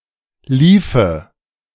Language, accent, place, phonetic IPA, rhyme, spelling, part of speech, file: German, Germany, Berlin, [ˈliːfə], -iːfə, liefe, verb, De-liefe.ogg
- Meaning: first/third-person singular subjunctive II of laufen